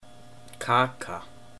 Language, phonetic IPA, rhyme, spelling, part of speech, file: Icelandic, [ˈkʰaːka], -aːka, kaka, noun, Is-kaka.oga
- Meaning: 1. a cake 2. a cookie